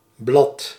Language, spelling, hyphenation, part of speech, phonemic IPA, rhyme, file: Dutch, blad, blad, noun, /blɑt/, -ɑt, Nl-blad.ogg
- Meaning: 1. a leaf (of a plant) 2. a sheet of paper, leaf (in a book) 3. a page 4. a magazine or other periodical publication 5. the flat section on the upper side of a table or desk